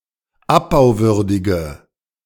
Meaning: inflection of abbauwürdig: 1. strong/mixed nominative/accusative feminine singular 2. strong nominative/accusative plural 3. weak nominative all-gender singular
- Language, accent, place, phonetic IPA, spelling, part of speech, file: German, Germany, Berlin, [ˈapbaʊ̯ˌvʏʁdɪɡə], abbauwürdige, adjective, De-abbauwürdige.ogg